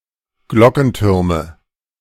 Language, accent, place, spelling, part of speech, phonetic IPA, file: German, Germany, Berlin, Glockentürme, noun, [ˈɡlɔkn̩ˌtʏʁmə], De-Glockentürme.ogg
- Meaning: nominative/accusative/genitive plural of Glockenturm